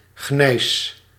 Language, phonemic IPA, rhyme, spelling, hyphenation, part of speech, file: Dutch, /ɣnɛi̯s/, -ɛi̯s, gneis, gneis, noun, Nl-gneis.ogg
- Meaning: gneiss